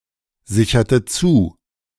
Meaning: inflection of zusichern: 1. first/third-person singular preterite 2. first/third-person singular subjunctive II
- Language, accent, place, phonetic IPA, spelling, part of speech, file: German, Germany, Berlin, [ˌzɪçɐtə ˈt͡suː], sicherte zu, verb, De-sicherte zu.ogg